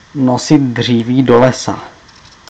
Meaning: to carry coals to Newcastle, to bring owls to Athens
- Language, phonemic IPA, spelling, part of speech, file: Czech, /ˈnosɪt ˈdr̝iːviː ˈdo‿lɛsa/, nosit dříví do lesa, verb, Cs-nosit dříví do lesa.ogg